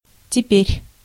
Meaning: now, at present
- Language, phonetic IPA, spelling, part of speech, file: Russian, [tʲɪˈpʲerʲ], теперь, adverb, Ru-теперь.ogg